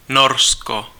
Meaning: Norway (a country in Scandinavia in Northern Europe; capital and largest city: Oslo)
- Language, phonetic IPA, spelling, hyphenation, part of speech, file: Czech, [ˈnorsko], Norsko, Nor‧sko, proper noun, Cs-Norsko.ogg